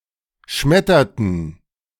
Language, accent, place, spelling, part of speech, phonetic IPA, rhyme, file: German, Germany, Berlin, schmetterten, verb, [ˈʃmɛtɐtn̩], -ɛtɐtn̩, De-schmetterten.ogg
- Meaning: inflection of schmettern: 1. first/third-person plural preterite 2. first/third-person plural subjunctive II